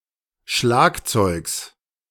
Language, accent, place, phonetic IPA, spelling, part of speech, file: German, Germany, Berlin, [ˈʃlaːkˌt͡sɔɪ̯ks], Schlagzeugs, noun, De-Schlagzeugs.ogg
- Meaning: genitive singular of Schlagzeug